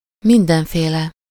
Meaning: all sorts of, various
- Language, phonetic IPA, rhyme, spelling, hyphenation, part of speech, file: Hungarian, [ˈmindɛɱfeːlɛ], -lɛ, mindenféle, min‧den‧fé‧le, adjective, Hu-mindenféle.ogg